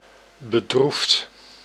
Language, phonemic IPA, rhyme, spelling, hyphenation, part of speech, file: Dutch, /bəˈdruft/, -uft, bedroefd, be‧droefd, adjective / verb, Nl-bedroefd.ogg
- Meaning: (adjective) 1. sorrowful, sad 2. little, paltry; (verb) past participle of bedroeven